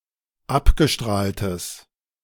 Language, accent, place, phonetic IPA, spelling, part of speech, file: German, Germany, Berlin, [ˈapɡəˌʃtʁaːltəs], abgestrahltes, adjective, De-abgestrahltes.ogg
- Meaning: strong/mixed nominative/accusative neuter singular of abgestrahlt